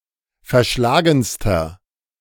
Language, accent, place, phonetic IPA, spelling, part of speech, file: German, Germany, Berlin, [fɛɐ̯ˈʃlaːɡn̩stɐ], verschlagenster, adjective, De-verschlagenster.ogg
- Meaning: inflection of verschlagen: 1. strong/mixed nominative masculine singular superlative degree 2. strong genitive/dative feminine singular superlative degree 3. strong genitive plural superlative degree